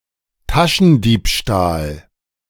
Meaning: pickpocketing
- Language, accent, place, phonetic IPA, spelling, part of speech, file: German, Germany, Berlin, [ˈtaʃn̩ˌdiːpʃtaːl], Taschendiebstahl, noun, De-Taschendiebstahl.ogg